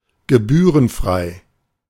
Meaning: free of charge, free of fees or service charges
- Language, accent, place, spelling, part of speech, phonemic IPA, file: German, Germany, Berlin, gebührenfrei, adjective, /ɡəˈbyːʁənˌfʁaɪ̯/, De-gebührenfrei.ogg